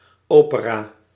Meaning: opera
- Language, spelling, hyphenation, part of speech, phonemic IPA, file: Dutch, opera, ope‧ra, noun, /ˈoː.pəˌraː/, Nl-opera.ogg